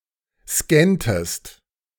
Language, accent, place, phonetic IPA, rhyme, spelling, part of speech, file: German, Germany, Berlin, [ˈskɛntəst], -ɛntəst, scanntest, verb, De-scanntest.ogg
- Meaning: inflection of scannen: 1. second-person singular preterite 2. second-person singular subjunctive II